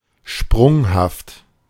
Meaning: 1. erratic 2. volatile 3. skittish 4. rapid, sharp
- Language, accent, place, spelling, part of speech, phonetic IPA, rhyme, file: German, Germany, Berlin, sprunghaft, adjective, [ˈʃpʁʊŋhaft], -ʊŋhaft, De-sprunghaft.ogg